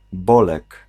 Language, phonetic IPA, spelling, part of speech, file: Polish, [ˈbɔlɛk], Bolek, proper noun, Pl-Bolek.ogg